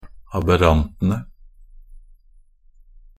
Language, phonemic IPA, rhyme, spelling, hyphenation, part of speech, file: Norwegian Bokmål, /abəˈrantənə/, -ənə, aberrantene, ab‧err‧an‧te‧ne, noun, Nb-aberrantene.ogg
- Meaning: definite plural of aberrant